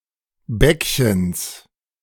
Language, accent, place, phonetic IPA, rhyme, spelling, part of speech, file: German, Germany, Berlin, [ˈbɛkçəns], -ɛkçəns, Bäckchens, noun, De-Bäckchens.ogg
- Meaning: genitive singular of Bäckchen